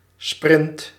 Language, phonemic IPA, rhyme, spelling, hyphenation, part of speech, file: Dutch, /sprɪnt/, -ɪnt, sprint, sprint, noun, Nl-sprint.ogg
- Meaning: sprint